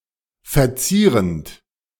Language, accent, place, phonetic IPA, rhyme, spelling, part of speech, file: German, Germany, Berlin, [fɛɐ̯ˈt͡siːʁənt], -iːʁənt, verzierend, verb, De-verzierend.ogg
- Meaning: present participle of verzieren